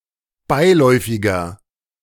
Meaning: 1. comparative degree of beiläufig 2. inflection of beiläufig: strong/mixed nominative masculine singular 3. inflection of beiläufig: strong genitive/dative feminine singular
- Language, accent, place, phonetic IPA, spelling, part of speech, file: German, Germany, Berlin, [ˈbaɪ̯ˌlɔɪ̯fɪɡɐ], beiläufiger, adjective, De-beiläufiger.ogg